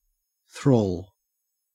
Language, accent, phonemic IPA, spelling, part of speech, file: English, Australia, /θɹoːl/, thrall, noun / adjective / verb, En-au-thrall.ogg
- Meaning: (noun) 1. Slave; one under the control of another 2. The state of being under the control of another person 3. A shelf; a stand for barrels, etc; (adjective) Enthralled; captive